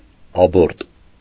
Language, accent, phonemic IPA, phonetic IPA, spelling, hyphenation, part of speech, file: Armenian, Eastern Armenian, /ɑˈboɾt/, [ɑbóɾt], աբորտ, ա‧բորտ, noun, Hy-աբորտ.ogg
- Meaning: abortion